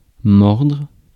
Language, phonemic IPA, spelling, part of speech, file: French, /mɔʁdʁ/, mordre, verb, Fr-mordre.ogg
- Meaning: 1. to bite 2. to encroach